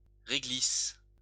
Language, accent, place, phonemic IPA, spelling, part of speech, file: French, France, Lyon, /ʁe.ɡlis/, réglisse, noun, LL-Q150 (fra)-réglisse.wav
- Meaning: 1. licorice (the plant) 2. licorice (the confection)